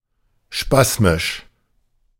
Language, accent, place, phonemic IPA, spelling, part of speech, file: German, Germany, Berlin, /ˈʃpasmɪʃ/, spasmisch, adjective, De-spasmisch.ogg
- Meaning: spasmic, spasmodic